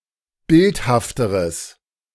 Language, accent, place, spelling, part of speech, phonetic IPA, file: German, Germany, Berlin, bildhafteres, adjective, [ˈbɪlthaftəʁəs], De-bildhafteres.ogg
- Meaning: strong/mixed nominative/accusative neuter singular comparative degree of bildhaft